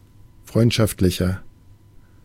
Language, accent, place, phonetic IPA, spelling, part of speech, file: German, Germany, Berlin, [ˈfʁɔɪ̯ntʃaftlɪçɐ], freundschaftlicher, adjective, De-freundschaftlicher.ogg
- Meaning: 1. comparative degree of freundschaftlich 2. inflection of freundschaftlich: strong/mixed nominative masculine singular 3. inflection of freundschaftlich: strong genitive/dative feminine singular